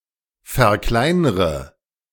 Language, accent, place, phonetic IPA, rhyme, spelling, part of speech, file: German, Germany, Berlin, [fɛɐ̯ˈklaɪ̯nʁə], -aɪ̯nʁə, verkleinre, verb, De-verkleinre.ogg
- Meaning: inflection of verkleinern: 1. first-person singular present 2. first/third-person singular subjunctive I 3. singular imperative